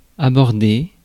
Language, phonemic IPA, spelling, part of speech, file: French, /a.bɔʁ.de/, aborder, verb, Fr-aborder.ogg
- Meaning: 1. to deal with; to tackle; to approach a problem, situation or topic; to broach a subject 2. to approach or meet somebody 3. to place side to side 4. to reach, especially with a boat